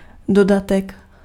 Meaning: 1. appendix (of a book) 2. amendment (correction or addition to a law)
- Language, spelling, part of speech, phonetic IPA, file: Czech, dodatek, noun, [ˈdodatɛk], Cs-dodatek.ogg